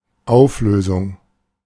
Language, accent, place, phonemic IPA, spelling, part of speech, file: German, Germany, Berlin, /ˈaʊ̯f.løː.zʊŋ/, Auflösung, noun, De-Auflösung.ogg
- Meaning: 1. resolution 2. dissolution 3. disbandment 4. abolishment 5. liquidation, clearance 6. solution 7. resolution (progression from dissonance to consonance) 8. marking as natural (♮)